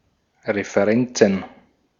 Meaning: plural of Referenz
- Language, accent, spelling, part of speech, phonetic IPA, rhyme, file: German, Austria, Referenzen, noun, [ʁefəˈʁɛnt͡sn̩], -ɛnt͡sn̩, De-at-Referenzen.ogg